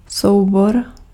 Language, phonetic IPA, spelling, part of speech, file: Czech, [ˈsou̯bor], soubor, noun, Cs-soubor.ogg
- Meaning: file